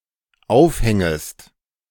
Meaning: second-person singular dependent subjunctive I of aufhängen
- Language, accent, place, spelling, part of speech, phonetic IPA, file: German, Germany, Berlin, aufhängest, verb, [ˈaʊ̯fˌhɛŋəst], De-aufhängest.ogg